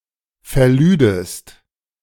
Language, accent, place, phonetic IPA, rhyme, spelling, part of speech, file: German, Germany, Berlin, [fɛɐ̯ˈlyːdəst], -yːdəst, verlüdest, verb, De-verlüdest.ogg
- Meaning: second-person singular subjunctive II of verladen